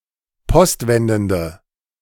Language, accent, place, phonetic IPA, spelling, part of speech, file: German, Germany, Berlin, [ˈpɔstˌvɛndn̩də], postwendende, adjective, De-postwendende.ogg
- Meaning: inflection of postwendend: 1. strong/mixed nominative/accusative feminine singular 2. strong nominative/accusative plural 3. weak nominative all-gender singular